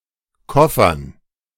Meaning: dative plural of Koffer
- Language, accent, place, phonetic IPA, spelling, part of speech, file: German, Germany, Berlin, [ˈkɔfɐn], Koffern, noun, De-Koffern.ogg